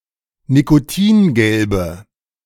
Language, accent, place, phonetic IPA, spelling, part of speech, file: German, Germany, Berlin, [nikoˈtiːnˌɡɛlbə], nikotingelbe, adjective, De-nikotingelbe.ogg
- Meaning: inflection of nikotingelb: 1. strong/mixed nominative/accusative feminine singular 2. strong nominative/accusative plural 3. weak nominative all-gender singular